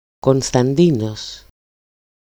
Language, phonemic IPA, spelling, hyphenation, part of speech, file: Greek, /kon.stanˈdi.nos/, Κωνσταντίνος, Κων‧στα‧ντί‧νος, proper noun, EL-Κωνσταντίνος.ogg
- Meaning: a male given name, equivalent to English Constantine